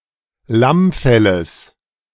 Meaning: genitive singular of Lammfell
- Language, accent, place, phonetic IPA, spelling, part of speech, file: German, Germany, Berlin, [ˈlamˌfɛləs], Lammfelles, noun, De-Lammfelles.ogg